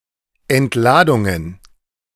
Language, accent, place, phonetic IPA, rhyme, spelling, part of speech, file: German, Germany, Berlin, [ɛntˈlaːdʊŋən], -aːdʊŋən, Entladungen, noun, De-Entladungen.ogg
- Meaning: plural of Entladung